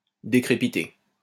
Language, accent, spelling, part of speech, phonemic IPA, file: French, France, décrépiter, verb, /de.kʁe.pi.te/, LL-Q150 (fra)-décrépiter.wav
- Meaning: to decrepitate